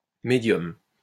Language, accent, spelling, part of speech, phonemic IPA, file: French, France, médium, noun, /me.djɔm/, LL-Q150 (fra)-médium.wav
- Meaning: 1. middle register 2. medium (a person who contacts the dead)